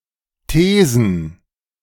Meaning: plural of These
- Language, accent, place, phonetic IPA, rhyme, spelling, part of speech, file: German, Germany, Berlin, [ˈteːzn̩], -eːzn̩, Thesen, noun, De-Thesen.ogg